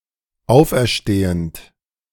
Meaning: present participle of auferstehen
- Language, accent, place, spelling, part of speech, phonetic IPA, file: German, Germany, Berlin, auferstehend, verb, [ˈaʊ̯fʔɛɐ̯ˌʃteːənt], De-auferstehend.ogg